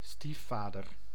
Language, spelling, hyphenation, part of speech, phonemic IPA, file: Dutch, stiefvader, stief‧va‧der, noun, /ˈstiˌfaːdər/, Nl-stiefvader.ogg
- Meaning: stepfather, stepdad